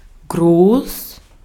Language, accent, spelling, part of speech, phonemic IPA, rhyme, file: German, Austria, groß, adjective, /ɡʁoːs/, -oːs, De-at-groß.ogg
- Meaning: 1. big, large, large-scale 2. great, grand 3. tall 4. pertaining to defecation